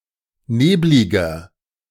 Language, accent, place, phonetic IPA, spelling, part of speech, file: German, Germany, Berlin, [ˈneːblɪɡɐ], nebliger, adjective, De-nebliger.ogg
- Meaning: inflection of neblig: 1. strong/mixed nominative masculine singular 2. strong genitive/dative feminine singular 3. strong genitive plural